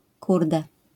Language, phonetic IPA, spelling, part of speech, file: Polish, [ˈkurdɛ], kurde, interjection, LL-Q809 (pol)-kurde.wav